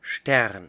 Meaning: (noun) 1. a star; a small luminous dot that can be seen on the night sky 2. a star; the actual celestial body 3. a star, a mullet, or anything that resembles such an object
- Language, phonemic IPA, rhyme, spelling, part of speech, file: German, /ʃtɛʁn/, -ɛʁn, Stern, noun / proper noun, De-Stern.ogg